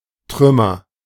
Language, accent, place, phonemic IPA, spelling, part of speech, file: German, Germany, Berlin, /ˈtʁʏ.məʁ/, Trümmer, noun, De-Trümmer.ogg
- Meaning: 1. ruins, debris, wreckage, remains, fragments 2. nominative/accusative/genitive plural of Trumm